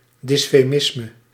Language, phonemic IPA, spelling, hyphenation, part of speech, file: Dutch, /ˌdɪs.feːˈmɪs.mə/, dysfemisme, dys‧fe‧mis‧me, noun, Nl-dysfemisme.ogg
- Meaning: dysphemism